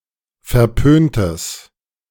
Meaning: strong/mixed nominative/accusative neuter singular of verpönt
- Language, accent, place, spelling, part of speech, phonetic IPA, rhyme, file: German, Germany, Berlin, verpöntes, adjective, [fɛɐ̯ˈpøːntəs], -øːntəs, De-verpöntes.ogg